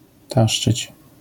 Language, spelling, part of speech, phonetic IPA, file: Polish, taszczyć, verb, [ˈtaʃt͡ʃɨt͡ɕ], LL-Q809 (pol)-taszczyć.wav